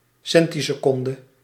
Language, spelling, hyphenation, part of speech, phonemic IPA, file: Dutch, centiseconde, cen‧ti‧se‧con‧de, noun, /ˈsɛn.ti.səˌkɔn.də/, Nl-centiseconde.ogg
- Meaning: centisecond (one hundredth of a second)